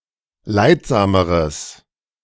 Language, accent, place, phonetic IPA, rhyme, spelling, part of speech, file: German, Germany, Berlin, [ˈlaɪ̯tˌzaːməʁəs], -aɪ̯tzaːməʁəs, leidsameres, adjective, De-leidsameres.ogg
- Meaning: strong/mixed nominative/accusative neuter singular comparative degree of leidsam